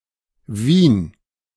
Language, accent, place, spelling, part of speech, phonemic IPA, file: German, Germany, Berlin, Wien, proper noun, /viːn/, De-Wien.ogg
- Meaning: 1. Vienna (the capital city of Austria) 2. Vienna (a state of Austria) 3. Wien (a river in Austria, flowing through Vienna)